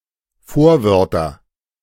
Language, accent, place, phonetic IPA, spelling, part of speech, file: German, Germany, Berlin, [ˈfoːɐ̯ˌvœʁtɐ], Vorwörter, noun, De-Vorwörter.ogg
- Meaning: nominative/accusative/genitive plural of Vorwort